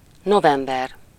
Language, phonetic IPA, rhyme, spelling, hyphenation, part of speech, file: Hungarian, [ˈnovɛmbɛr], -ɛr, november, no‧vem‧ber, noun, Hu-november.ogg
- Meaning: November (the eleventh month of the Gregorian calendar, following October and preceding December)